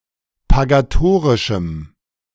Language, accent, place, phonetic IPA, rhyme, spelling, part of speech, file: German, Germany, Berlin, [paɡaˈtoːʁɪʃm̩], -oːʁɪʃm̩, pagatorischem, adjective, De-pagatorischem.ogg
- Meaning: strong dative masculine/neuter singular of pagatorisch